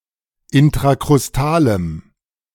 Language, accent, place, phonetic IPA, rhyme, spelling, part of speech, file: German, Germany, Berlin, [ɪntʁakʁʊsˈtaːləm], -aːləm, intrakrustalem, adjective, De-intrakrustalem.ogg
- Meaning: strong dative masculine/neuter singular of intrakrustal